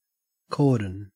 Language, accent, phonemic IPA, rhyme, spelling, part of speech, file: English, Australia, /ˈkɔː(ɹ)dən/, -ɔː(ɹ)dən, cordon, noun / verb, En-au-cordon.ogg
- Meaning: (noun) 1. A ribbon normally worn diagonally across the chest as a decoration or insignia of rank etc 2. A line of people or things placed around an area to enclose or protect it